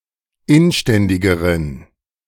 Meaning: inflection of inständig: 1. strong genitive masculine/neuter singular comparative degree 2. weak/mixed genitive/dative all-gender singular comparative degree
- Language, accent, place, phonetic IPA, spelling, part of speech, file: German, Germany, Berlin, [ˈɪnˌʃtɛndɪɡəʁən], inständigeren, adjective, De-inständigeren.ogg